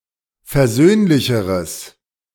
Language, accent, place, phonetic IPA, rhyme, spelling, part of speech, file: German, Germany, Berlin, [fɛɐ̯ˈzøːnlɪçəʁəs], -øːnlɪçəʁəs, versöhnlicheres, adjective, De-versöhnlicheres.ogg
- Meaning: strong/mixed nominative/accusative neuter singular comparative degree of versöhnlich